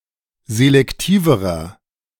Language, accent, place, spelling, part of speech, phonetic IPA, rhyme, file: German, Germany, Berlin, selektiverer, adjective, [zelɛkˈtiːvəʁɐ], -iːvəʁɐ, De-selektiverer.ogg
- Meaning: inflection of selektiv: 1. strong/mixed nominative masculine singular comparative degree 2. strong genitive/dative feminine singular comparative degree 3. strong genitive plural comparative degree